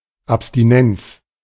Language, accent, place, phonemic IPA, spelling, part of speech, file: German, Germany, Berlin, /apstiˈnɛnts/, Abstinenz, noun, De-Abstinenz.ogg
- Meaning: abstinence (the act or practice of abstaining)